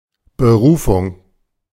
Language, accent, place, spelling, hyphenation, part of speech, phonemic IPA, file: German, Germany, Berlin, Berufung, Be‧ru‧fung, noun, /bəˈʁuːfʊŋ/, De-Berufung.ogg
- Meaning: 1. appointment 2. vocation 3. appeal